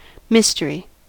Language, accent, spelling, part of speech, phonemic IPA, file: English, US, mystery, noun, /ˈmɪs.t(ə.)ɹi/, En-us-mystery.ogg
- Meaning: 1. Something secret or unexplainable; an unknown 2. Someone or something with an obscure or puzzling nature